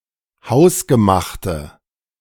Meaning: inflection of hausgemacht: 1. strong/mixed nominative/accusative feminine singular 2. strong nominative/accusative plural 3. weak nominative all-gender singular
- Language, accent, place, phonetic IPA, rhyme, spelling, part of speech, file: German, Germany, Berlin, [ˈhaʊ̯sɡəˌmaxtə], -aʊ̯sɡəmaxtə, hausgemachte, adjective, De-hausgemachte.ogg